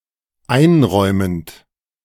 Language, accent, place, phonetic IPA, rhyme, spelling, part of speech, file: German, Germany, Berlin, [ˈaɪ̯nˌʁɔɪ̯mənt], -aɪ̯nʁɔɪ̯mənt, einräumend, verb, De-einräumend.ogg
- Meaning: present participle of einräumen